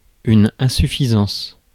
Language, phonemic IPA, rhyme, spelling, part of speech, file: French, /ɛ̃.sy.fi.zɑ̃s/, -ɑ̃s, insuffisance, noun, Fr-insuffisance.ogg
- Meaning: 1. shortfall; shortcoming; insufficiency 2. failure (condition in which a specified organ does not function well enough to support life)